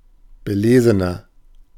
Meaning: 1. comparative degree of belesen 2. inflection of belesen: strong/mixed nominative masculine singular 3. inflection of belesen: strong genitive/dative feminine singular
- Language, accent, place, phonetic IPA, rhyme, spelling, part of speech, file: German, Germany, Berlin, [bəˈleːzənɐ], -eːzənɐ, belesener, adjective, De-belesener.ogg